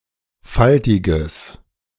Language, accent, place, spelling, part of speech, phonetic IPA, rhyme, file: German, Germany, Berlin, faltiges, adjective, [ˈfaltɪɡəs], -altɪɡəs, De-faltiges.ogg
- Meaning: strong/mixed nominative/accusative neuter singular of faltig